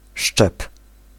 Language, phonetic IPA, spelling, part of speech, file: Polish, [ʃt͡ʃɛp], szczep, noun / verb, Pl-szczep.ogg